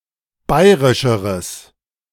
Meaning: strong/mixed nominative/accusative neuter singular comparative degree of bayrisch
- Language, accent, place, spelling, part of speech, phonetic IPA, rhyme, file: German, Germany, Berlin, bayrischeres, adjective, [ˈbaɪ̯ʁɪʃəʁəs], -aɪ̯ʁɪʃəʁəs, De-bayrischeres.ogg